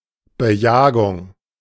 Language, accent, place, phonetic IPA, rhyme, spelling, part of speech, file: German, Germany, Berlin, [bəˈjaːɡʊŋ], -aːɡʊŋ, Bejagung, noun, De-Bejagung.ogg
- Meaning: hunting